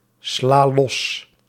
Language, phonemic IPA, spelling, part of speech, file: Dutch, /ˈsla ˈlɔs/, sla los, verb, Nl-sla los.ogg
- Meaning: inflection of losslaan: 1. first-person singular present indicative 2. second-person singular present indicative 3. imperative 4. singular present subjunctive